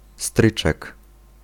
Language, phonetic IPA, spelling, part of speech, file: Polish, [ˈstrɨt͡ʃɛk], stryczek, noun, Pl-stryczek.ogg